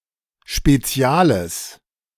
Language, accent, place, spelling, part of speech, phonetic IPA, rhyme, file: German, Germany, Berlin, speziales, adjective, [ʃpeˈt͡si̯aːləs], -aːləs, De-speziales.ogg
- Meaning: strong/mixed nominative/accusative neuter singular of spezial